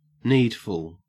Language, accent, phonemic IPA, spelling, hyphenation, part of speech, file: English, Australia, /ˈniːdfl̩/, needful, need‧ful, adjective / noun, En-au-needful.ogg
- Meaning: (adjective) 1. Needed; necessary; mandatory; requisite; indispensable 2. Needy; in need; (noun) 1. Anything necessary or requisite 2. Ready money; wherewithal